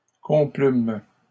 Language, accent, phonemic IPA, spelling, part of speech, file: French, Canada, /kɔ̃.plym/, complûmes, verb, LL-Q150 (fra)-complûmes.wav
- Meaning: first-person plural past historic of complaire